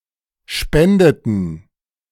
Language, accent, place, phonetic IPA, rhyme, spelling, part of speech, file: German, Germany, Berlin, [ˈʃpɛndətn̩], -ɛndətn̩, spendeten, verb, De-spendeten.ogg
- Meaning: inflection of spenden: 1. first/third-person plural preterite 2. first/third-person plural subjunctive II